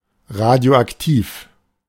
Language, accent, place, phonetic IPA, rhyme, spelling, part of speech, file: German, Germany, Berlin, [ˌʁadi̯oʔakˈtiːf], -iːf, radioaktiv, adjective, De-radioaktiv.ogg
- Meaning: radioactive